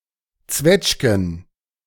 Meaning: plural of Zwetschge
- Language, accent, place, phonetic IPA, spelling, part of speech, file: German, Germany, Berlin, [ˈt͡svɛt͡ʃɡn̩], Zwetschgen, noun, De-Zwetschgen.ogg